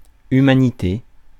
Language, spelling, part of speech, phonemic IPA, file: French, humanité, noun, /y.ma.ni.te/, Fr-humanité.ogg
- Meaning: 1. humanity (human beings as a group) 2. humanity (state of quality of being human)